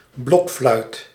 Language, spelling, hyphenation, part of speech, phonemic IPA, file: Dutch, blokfluit, blokf‧luit, noun, /ˈblɔk.flœy̯t/, Nl-blokfluit.ogg
- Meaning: recorder